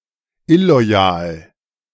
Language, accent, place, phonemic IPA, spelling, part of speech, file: German, Germany, Berlin, /ˈɪlo̯aˌjaːl/, illoyal, adjective, De-illoyal.ogg
- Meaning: disloyal